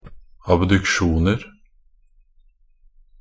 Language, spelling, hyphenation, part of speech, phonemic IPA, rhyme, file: Norwegian Bokmål, abduksjoner, ab‧duk‧sjon‧er, noun, /abdʉkˈʃuːnər/, -ər, Nb-abduksjoner.ogg
- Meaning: indefinite plural of abduksjon